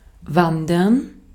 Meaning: 1. to hike, to go trekking 2. to wander, to migrate, to move spontaneously, to end up (somewhere)
- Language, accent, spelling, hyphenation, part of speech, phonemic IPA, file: German, Austria, wandern, wan‧dern, verb, /ˈvandɐn/, De-at-wandern.ogg